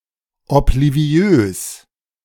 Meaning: 1. forgetful 2. oblivious
- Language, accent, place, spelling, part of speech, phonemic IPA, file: German, Germany, Berlin, obliviös, adjective, /ɔpliˈvi̯øːs/, De-obliviös.ogg